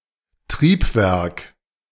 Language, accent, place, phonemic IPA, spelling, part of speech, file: German, Germany, Berlin, /ˈtʁiːpˌvɛʁk/, Triebwerk, noun, De-Triebwerk.ogg
- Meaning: 1. engine (especially of an aircraft) 2. motion (of a watch) 3. drive mechanism 4. power plant